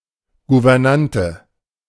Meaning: governess
- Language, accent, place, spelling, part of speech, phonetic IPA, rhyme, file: German, Germany, Berlin, Gouvernante, noun, [ɡuvɛʁˈnantə], -antə, De-Gouvernante.ogg